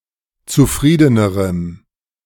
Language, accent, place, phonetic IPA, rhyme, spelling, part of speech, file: German, Germany, Berlin, [t͡suˈfʁiːdənəʁəm], -iːdənəʁəm, zufriedenerem, adjective, De-zufriedenerem.ogg
- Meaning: strong dative masculine/neuter singular comparative degree of zufrieden